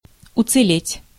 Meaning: to stay whole (intact, unhurt), to survive, to be spared
- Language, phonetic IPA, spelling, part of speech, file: Russian, [ʊt͡sɨˈlʲetʲ], уцелеть, verb, Ru-уцелеть.ogg